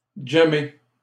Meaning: to jam; have a jam session
- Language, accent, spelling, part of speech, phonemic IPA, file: French, Canada, jammer, verb, /dʒa.me/, LL-Q150 (fra)-jammer.wav